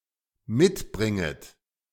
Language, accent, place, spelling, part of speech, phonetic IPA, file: German, Germany, Berlin, mitbringet, verb, [ˈmɪtˌbʁɪŋət], De-mitbringet.ogg
- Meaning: second-person plural dependent subjunctive I of mitbringen